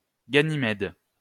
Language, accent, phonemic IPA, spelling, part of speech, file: French, France, /ɡa.ni.mɛd/, ganymède, noun, LL-Q150 (fra)-ganymède.wav
- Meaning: bottom (passive homosexual partner)